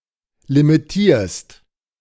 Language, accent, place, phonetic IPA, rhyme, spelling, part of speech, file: German, Germany, Berlin, [limiˈtiːɐ̯st], -iːɐ̯st, limitierst, verb, De-limitierst.ogg
- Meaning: second-person singular present of limitieren